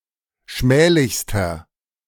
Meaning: inflection of schmählich: 1. strong/mixed nominative masculine singular superlative degree 2. strong genitive/dative feminine singular superlative degree 3. strong genitive plural superlative degree
- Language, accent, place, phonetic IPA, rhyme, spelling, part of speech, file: German, Germany, Berlin, [ˈʃmɛːlɪçstɐ], -ɛːlɪçstɐ, schmählichster, adjective, De-schmählichster.ogg